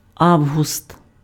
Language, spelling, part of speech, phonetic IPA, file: Ukrainian, август, noun, [ˈau̯ɦʊst], Uk-август.ogg
- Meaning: 1. August (title in the Roman Empire) 2. August (8th month of the year)